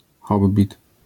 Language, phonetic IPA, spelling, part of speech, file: Polish, [ˈxɔbbʲit], hobbit, noun, LL-Q809 (pol)-hobbit.wav